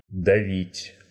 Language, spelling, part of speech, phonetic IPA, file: Russian, давить, verb, [dɐˈvʲitʲ], Ru-дави́ть.ogg
- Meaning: 1. to weigh, to lie heavy 2. to crush 3. to press, to squeeze 4. to suppress, to stifle 5. to kill, to destroy 6. to put pressure on, to pressurize, to pressure